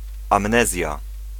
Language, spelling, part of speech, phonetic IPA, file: Polish, amnezja, noun, [ãmˈnɛzʲja], Pl-amnezja.ogg